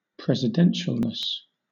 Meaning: The quality of being presidential; suitability for the presidency
- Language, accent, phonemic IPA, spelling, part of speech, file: English, Southern England, /ˌpɹɛzɪˈdɛnʃəlnəs/, presidentialness, noun, LL-Q1860 (eng)-presidentialness.wav